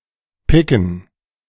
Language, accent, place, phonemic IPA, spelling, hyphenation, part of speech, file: German, Germany, Berlin, /ˈpɪkən/, Picken, Pi‧cken, noun, De-Picken.ogg
- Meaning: gerund of picken